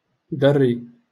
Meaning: kid, offspring
- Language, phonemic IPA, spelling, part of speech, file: Moroccan Arabic, /dar.ri/, دري, noun, LL-Q56426 (ary)-دري.wav